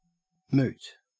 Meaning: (adjective) 1. Subject to discussion (originally at a moot); arguable, debatable, unsolved or impossible to solve 2. Being an exercise of thought; academic
- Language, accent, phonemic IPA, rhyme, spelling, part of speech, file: English, Australia, /muːt/, -uːt, moot, adjective / noun, En-au-moot.ogg